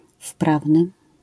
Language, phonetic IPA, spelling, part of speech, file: Polish, [ˈfpravnɨ], wprawny, adjective, LL-Q809 (pol)-wprawny.wav